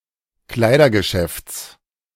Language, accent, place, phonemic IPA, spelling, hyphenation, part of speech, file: German, Germany, Berlin, /ˈklaɪ̯dɐɡəˌʃɛfts/, Kleidergeschäfts, Klei‧der‧ge‧schäfts, noun, De-Kleidergeschäfts.ogg
- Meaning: genitive singular of Kleidergeschäft